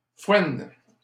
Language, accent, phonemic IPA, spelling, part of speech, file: French, Canada, /fwɛn/, foène, noun, LL-Q150 (fra)-foène.wav
- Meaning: alternative spelling of foëne